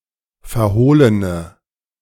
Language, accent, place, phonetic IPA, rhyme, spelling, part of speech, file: German, Germany, Berlin, [fɛɐ̯ˈhoːlənə], -oːlənə, verhohlene, adjective, De-verhohlene.ogg
- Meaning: inflection of verhohlen: 1. strong/mixed nominative/accusative feminine singular 2. strong nominative/accusative plural 3. weak nominative all-gender singular